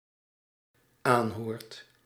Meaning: second/third-person singular dependent-clause present indicative of aanhoren
- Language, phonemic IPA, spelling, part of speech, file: Dutch, /ˈanhort/, aanhoort, verb, Nl-aanhoort.ogg